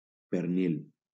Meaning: ham of pork
- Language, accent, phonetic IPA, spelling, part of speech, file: Catalan, Valencia, [peɾˈnil], pernil, noun, LL-Q7026 (cat)-pernil.wav